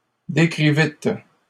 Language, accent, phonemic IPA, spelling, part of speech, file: French, Canada, /de.kʁi.vit/, décrivîtes, verb, LL-Q150 (fra)-décrivîtes.wav
- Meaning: second-person plural past historic of décrire